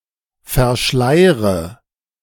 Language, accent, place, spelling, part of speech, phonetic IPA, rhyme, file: German, Germany, Berlin, verschleire, verb, [fɛɐ̯ˈʃlaɪ̯ʁə], -aɪ̯ʁə, De-verschleire.ogg
- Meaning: inflection of verschleiern: 1. first-person singular present 2. first/third-person singular subjunctive I 3. singular imperative